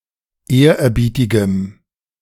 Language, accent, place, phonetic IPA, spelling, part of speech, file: German, Germany, Berlin, [ˈeːɐ̯ʔɛɐ̯ˌbiːtɪɡəm], ehrerbietigem, adjective, De-ehrerbietigem.ogg
- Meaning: strong dative masculine/neuter singular of ehrerbietig